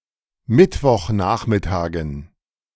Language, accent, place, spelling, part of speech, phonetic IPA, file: German, Germany, Berlin, Mittwochnachmittagen, noun, [ˈmɪtvɔxˌnaːxmɪtaːɡn̩], De-Mittwochnachmittagen.ogg
- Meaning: dative plural of Mittwochnachmittag